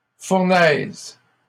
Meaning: 1. furnace 2. furnace (extremely hot area) 3. blaze, conflagration
- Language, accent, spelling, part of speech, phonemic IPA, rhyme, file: French, Canada, fournaise, noun, /fuʁ.nɛz/, -ɛz, LL-Q150 (fra)-fournaise.wav